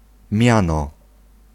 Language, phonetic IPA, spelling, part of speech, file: Polish, [ˈmʲjãnɔ], miano, noun / verb, Pl-miano.ogg